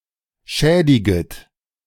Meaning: second-person plural subjunctive I of schädigen
- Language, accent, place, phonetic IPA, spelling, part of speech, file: German, Germany, Berlin, [ˈʃɛːdɪɡət], schädiget, verb, De-schädiget.ogg